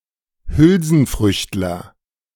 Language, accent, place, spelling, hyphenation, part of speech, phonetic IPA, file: German, Germany, Berlin, Hülsenfrüchtler, Hül‧sen‧frücht‧ler, noun, [ˈhʏlzn̩ˌfʁʏçtlɐ], De-Hülsenfrüchtler.ogg
- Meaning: legume (plant of the Fabaceae family)